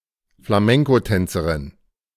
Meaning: female equivalent of Flamencotänzer (“flamenco dancer”)
- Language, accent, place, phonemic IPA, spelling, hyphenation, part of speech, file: German, Germany, Berlin, /flaˈmɛŋkoˌtɛnt͡səʁɪn/, Flamencotänzerin, Fla‧men‧co‧tän‧ze‧rin, noun, De-Flamencotänzerin.ogg